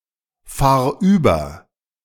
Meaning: singular imperative of überfahren
- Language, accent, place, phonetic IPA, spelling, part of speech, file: German, Germany, Berlin, [ˌfaːɐ̯ ˈyːbɐ], fahr über, verb, De-fahr über.ogg